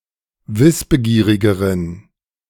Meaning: inflection of wissbegierig: 1. strong genitive masculine/neuter singular comparative degree 2. weak/mixed genitive/dative all-gender singular comparative degree
- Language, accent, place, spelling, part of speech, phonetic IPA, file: German, Germany, Berlin, wissbegierigeren, adjective, [ˈvɪsbəˌɡiːʁɪɡəʁən], De-wissbegierigeren.ogg